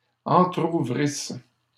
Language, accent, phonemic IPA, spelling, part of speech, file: French, Canada, /ɑ̃.tʁu.vʁis/, entrouvrissent, verb, LL-Q150 (fra)-entrouvrissent.wav
- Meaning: third-person plural imperfect subjunctive of entrouvrir